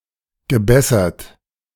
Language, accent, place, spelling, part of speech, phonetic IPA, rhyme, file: German, Germany, Berlin, gebessert, verb, [ɡəˈbɛsɐt], -ɛsɐt, De-gebessert.ogg
- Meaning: past participle of bessern